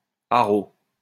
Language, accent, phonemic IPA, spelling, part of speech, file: French, France, /a.ʁo/, haro, interjection / noun, LL-Q150 (fra)-haro.wav
- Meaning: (interjection) 1. cry for help 2. cry of a huntsman to excite the hounds; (noun) 1. hue (cry) 2. outcry, public warning, mass denunciation